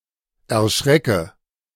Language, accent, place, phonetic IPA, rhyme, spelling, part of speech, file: German, Germany, Berlin, [ɛɐ̯ˈʃʁɛkə], -ɛkə, erschrecke, verb, De-erschrecke.ogg
- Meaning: inflection of erschrecken: 1. first-person singular present 2. first/third-person singular subjunctive I